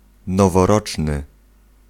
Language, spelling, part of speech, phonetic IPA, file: Polish, noworoczny, adjective, [ˌnɔvɔˈrɔt͡ʃnɨ], Pl-noworoczny.ogg